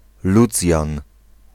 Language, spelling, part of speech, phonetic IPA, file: Polish, Lucjan, proper noun, [ˈlut͡sʲjãn], Pl-Lucjan.ogg